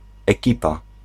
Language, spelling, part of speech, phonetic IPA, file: Polish, ekipa, noun, [ɛˈcipa], Pl-ekipa.ogg